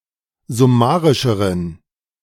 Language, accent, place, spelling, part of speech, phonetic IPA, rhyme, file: German, Germany, Berlin, summarischeren, adjective, [zʊˈmaːʁɪʃəʁən], -aːʁɪʃəʁən, De-summarischeren.ogg
- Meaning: inflection of summarisch: 1. strong genitive masculine/neuter singular comparative degree 2. weak/mixed genitive/dative all-gender singular comparative degree